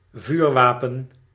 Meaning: firearm
- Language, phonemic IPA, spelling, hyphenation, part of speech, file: Dutch, /ˈvyːrˈʋaː.pə(n)/, vuurwapen, vuur‧wa‧pen, noun, Nl-vuurwapen.ogg